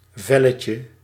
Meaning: diminutive of vel
- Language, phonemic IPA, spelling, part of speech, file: Dutch, /ˈvɛləcə/, velletje, noun, Nl-velletje.ogg